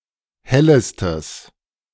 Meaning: strong/mixed nominative/accusative neuter singular superlative degree of helle
- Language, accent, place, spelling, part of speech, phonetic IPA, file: German, Germany, Berlin, hellestes, adjective, [ˈhɛləstəs], De-hellestes.ogg